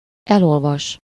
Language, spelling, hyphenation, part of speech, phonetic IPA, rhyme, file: Hungarian, elolvas, el‧ol‧vas, verb, [ˈɛlolvɒʃ], -ɒʃ, Hu-elolvas.ogg
- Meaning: to peruse, read through, read over (to read completely)